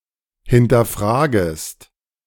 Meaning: second-person singular subjunctive I of hinterfragen
- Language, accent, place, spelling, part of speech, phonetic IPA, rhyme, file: German, Germany, Berlin, hinterfragest, verb, [hɪntɐˈfʁaːɡəst], -aːɡəst, De-hinterfragest.ogg